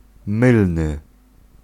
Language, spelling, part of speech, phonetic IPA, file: Polish, mylny, adjective, [ˈmɨlnɨ], Pl-mylny.ogg